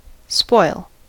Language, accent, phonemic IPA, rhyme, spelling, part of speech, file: English, US, /spɔɪl/, -ɔɪl, spoil, verb / noun, En-us-spoil.ogg
- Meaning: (verb) 1. To strip (someone who has been killed or defeated) of arms or armour 2. To strip or deprive (someone) of possessions; to rob, despoil 3. To plunder, pillage (a city, country etc.)